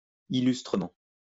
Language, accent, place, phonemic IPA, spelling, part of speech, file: French, France, Lyon, /i.lys.tʁə.mɑ̃/, illustrement, adverb, LL-Q150 (fra)-illustrement.wav
- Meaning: illustriously